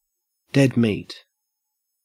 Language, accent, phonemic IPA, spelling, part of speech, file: English, Australia, /ˌdɛd ˈmiːt/, dead meat, noun, En-au-dead meat.ogg
- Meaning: 1. A corpse of a slaughtered animal 2. Someone in danger of being killed or severely punished